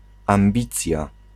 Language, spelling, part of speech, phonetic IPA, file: Polish, ambicja, noun, [ãmˈbʲit͡sʲja], Pl-ambicja.ogg